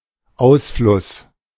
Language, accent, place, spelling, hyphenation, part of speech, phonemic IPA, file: German, Germany, Berlin, Ausfluss, Aus‧fluss, noun, /ˈaʊ̯sflʊs/, De-Ausfluss.ogg
- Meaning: 1. outflow, efflux 2. discharge 3. result